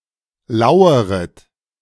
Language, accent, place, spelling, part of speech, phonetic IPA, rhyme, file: German, Germany, Berlin, laueret, verb, [ˈlaʊ̯əʁət], -aʊ̯əʁət, De-laueret.ogg
- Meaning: second-person plural subjunctive I of lauern